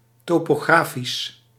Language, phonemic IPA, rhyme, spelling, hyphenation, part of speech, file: Dutch, /ˌtoː.poːˈɣraː.fis/, -aːfis, topografisch, to‧po‧gra‧fisch, adjective, Nl-topografisch.ogg
- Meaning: topographic